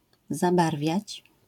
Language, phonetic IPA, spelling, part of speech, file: Polish, [zaˈbarvʲjät͡ɕ], zabarwiać, verb, LL-Q809 (pol)-zabarwiać.wav